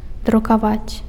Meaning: 1. to print (to produce one or more copies of a text or image on a surface, especially by machine) 2. to print (to publish in a book, newspaper, etc.)
- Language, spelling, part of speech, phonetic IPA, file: Belarusian, друкаваць, verb, [drukaˈvat͡sʲ], Be-друкаваць.ogg